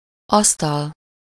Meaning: 1. table, desk (in a flat, whether a living room or a kitchen, or in an office or that of a teacher) 2. desktop (main graphical user interface of an operating system)
- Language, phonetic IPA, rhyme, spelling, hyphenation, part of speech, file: Hungarian, [ˈɒstɒl], -ɒl, asztal, asz‧tal, noun, Hu-asztal.ogg